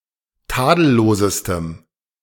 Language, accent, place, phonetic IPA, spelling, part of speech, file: German, Germany, Berlin, [ˈtaːdl̩ˌloːzəstəm], tadellosestem, adjective, De-tadellosestem.ogg
- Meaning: strong dative masculine/neuter singular superlative degree of tadellos